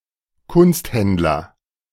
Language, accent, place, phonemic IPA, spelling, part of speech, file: German, Germany, Berlin, /ˈkʊnstˌhɛndlɐ/, Kunsthändler, noun, De-Kunsthändler.ogg
- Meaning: art dealer